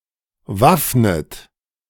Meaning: inflection of waffnen: 1. second-person plural present 2. second-person plural subjunctive I 3. third-person singular present 4. plural imperative
- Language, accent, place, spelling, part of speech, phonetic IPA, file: German, Germany, Berlin, waffnet, verb, [ˈvafnət], De-waffnet.ogg